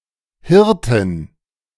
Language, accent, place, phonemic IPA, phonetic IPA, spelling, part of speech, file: German, Germany, Berlin, /ˈhɪʁtɪn/, [ˈhɪɐ̯tʰɪn], Hirtin, noun, De-Hirtin.ogg
- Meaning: shepherdess, shepherd (female) (a person who tends sheep or other animals)